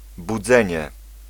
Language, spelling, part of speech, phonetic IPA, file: Polish, budzenie, noun, [buˈd͡zɛ̃ɲɛ], Pl-budzenie.ogg